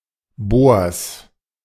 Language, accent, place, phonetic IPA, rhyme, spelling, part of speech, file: German, Germany, Berlin, [boːɐ̯s], -oːɐ̯s, Bors, noun, De-Bors.ogg
- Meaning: genitive singular of Bor